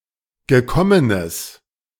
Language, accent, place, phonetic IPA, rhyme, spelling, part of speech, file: German, Germany, Berlin, [ɡəˈkɔmənəs], -ɔmənəs, gekommenes, adjective, De-gekommenes.ogg
- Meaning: strong/mixed nominative/accusative neuter singular of gekommen